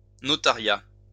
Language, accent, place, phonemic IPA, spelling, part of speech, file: French, France, Lyon, /nɔ.ta.ʁja/, notariat, noun, LL-Q150 (fra)-notariat.wav
- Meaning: the function or profession of a notary